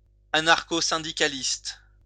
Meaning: alternative form of anarchosyndicaliste
- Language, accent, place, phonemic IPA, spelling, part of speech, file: French, France, Lyon, /a.naʁ.ko.sɛ̃.di.ka.list/, anarcho-syndicaliste, adjective, LL-Q150 (fra)-anarcho-syndicaliste.wav